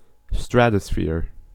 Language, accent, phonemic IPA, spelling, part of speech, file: English, US, /ˈstɹætəsfɪɚ/, stratosphere, noun, En-us-stratosphere.ogg
- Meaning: The region of the uppermost atmosphere where the temperature increases along with the altitude due to the absorption of solar ultraviolet radiation by ozone